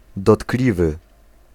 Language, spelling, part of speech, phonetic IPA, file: Polish, dotkliwy, adjective, [dɔˈtklʲivɨ], Pl-dotkliwy.ogg